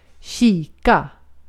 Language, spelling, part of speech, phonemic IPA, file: Swedish, kika, verb, /ˈɕiːˌka/, Sv-kika.ogg
- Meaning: to look